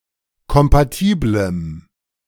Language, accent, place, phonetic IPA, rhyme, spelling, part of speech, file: German, Germany, Berlin, [kɔmpaˈtiːbləm], -iːbləm, kompatiblem, adjective, De-kompatiblem.ogg
- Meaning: strong dative masculine/neuter singular of kompatibel